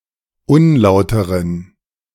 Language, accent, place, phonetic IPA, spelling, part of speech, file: German, Germany, Berlin, [ˈʊnˌlaʊ̯təʁən], unlauteren, adjective, De-unlauteren.ogg
- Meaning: inflection of unlauter: 1. strong genitive masculine/neuter singular 2. weak/mixed genitive/dative all-gender singular 3. strong/weak/mixed accusative masculine singular 4. strong dative plural